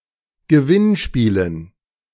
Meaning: dative plural of Gewinnspiel
- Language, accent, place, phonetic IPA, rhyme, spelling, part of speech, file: German, Germany, Berlin, [ɡəˈvɪnˌʃpiːlən], -ɪnʃpiːlən, Gewinnspielen, noun, De-Gewinnspielen.ogg